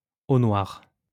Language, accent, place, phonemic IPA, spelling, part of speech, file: French, France, Lyon, /o nwaʁ/, au noir, prepositional phrase, LL-Q150 (fra)-au noir.wav
- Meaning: off the books, cash in hand, undeclared